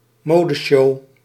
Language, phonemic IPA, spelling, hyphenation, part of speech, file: Dutch, /ˈmoː.dəˌʃoː/, modeshow, mo‧de‧show, noun, Nl-modeshow.ogg
- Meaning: a fashion show